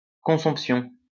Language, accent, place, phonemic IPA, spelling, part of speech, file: French, France, Lyon, /kɔ̃.sɔ̃p.sjɔ̃/, consomption, noun, LL-Q150 (fra)-consomption.wav
- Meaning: consumption